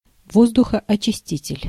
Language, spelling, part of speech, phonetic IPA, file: Russian, воздухоочиститель, noun, [ˌvozdʊxɐɐt͡ɕɪˈsʲtʲitʲɪlʲ], Ru-воздухоочиститель.ogg
- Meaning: air purifier (device used to remove contaminants from the air)